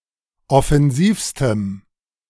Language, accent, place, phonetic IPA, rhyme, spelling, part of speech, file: German, Germany, Berlin, [ɔfɛnˈziːfstəm], -iːfstəm, offensivstem, adjective, De-offensivstem.ogg
- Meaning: strong dative masculine/neuter singular superlative degree of offensiv